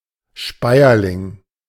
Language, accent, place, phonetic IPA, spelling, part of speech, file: German, Germany, Berlin, [ˈʃpaɪ̯ɐlɪŋ], Speierling, noun, De-Speierling.ogg
- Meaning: service tree (Sorbus domestica)